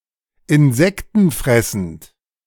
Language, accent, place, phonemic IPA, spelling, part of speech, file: German, Germany, Berlin, /ɪnˈzɛktn̩ˌfʁɛsn̩t/, insektenfressend, adjective, De-insektenfressend.ogg
- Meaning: insectivorous